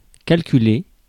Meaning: to calculate (all meanings)
- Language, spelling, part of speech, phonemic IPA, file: French, calculer, verb, /kal.ky.le/, Fr-calculer.ogg